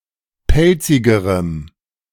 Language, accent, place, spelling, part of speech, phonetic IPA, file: German, Germany, Berlin, pelzigerem, adjective, [ˈpɛlt͡sɪɡəʁəm], De-pelzigerem.ogg
- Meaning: strong dative masculine/neuter singular comparative degree of pelzig